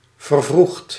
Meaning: past participle of vervroegen
- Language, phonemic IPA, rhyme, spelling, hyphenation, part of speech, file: Dutch, /vərˈvruxt/, -uxt, vervroegd, ver‧vroegd, verb, Nl-vervroegd.ogg